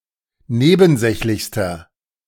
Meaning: inflection of nebensächlich: 1. strong/mixed nominative masculine singular superlative degree 2. strong genitive/dative feminine singular superlative degree
- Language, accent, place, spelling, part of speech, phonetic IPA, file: German, Germany, Berlin, nebensächlichster, adjective, [ˈneːbn̩ˌzɛçlɪçstɐ], De-nebensächlichster.ogg